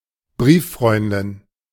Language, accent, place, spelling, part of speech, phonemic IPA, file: German, Germany, Berlin, Brieffreundin, noun, /ˈbʁiːˌfʁɔɪ̯ndɪn/, De-Brieffreundin.ogg
- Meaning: pen pal, penfriend (female person with whom one communicates using letters)